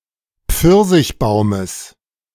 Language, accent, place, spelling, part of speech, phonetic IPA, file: German, Germany, Berlin, Pfirsichbaumes, noun, [ˈp͡fɪʁzɪçˌbaʊ̯məs], De-Pfirsichbaumes.ogg
- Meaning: genitive singular of Pfirsichbaum